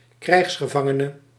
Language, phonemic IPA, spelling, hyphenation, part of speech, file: Dutch, /ˈkrɛi̯xs.xəˌvɑ.ŋə.nə/, krijgsgevangene, krijgs‧ge‧van‧ge‧ne, noun, Nl-krijgsgevangene.ogg
- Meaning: prisoner of war